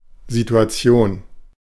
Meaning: 1. situation, circumstances 2. setting (background, atmosphere)
- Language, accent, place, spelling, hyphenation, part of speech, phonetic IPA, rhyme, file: German, Germany, Berlin, Situation, Si‧tu‧a‧ti‧on, noun, [zitʊ̯aˈt͡si̯oːn], -oːn, De-Situation.ogg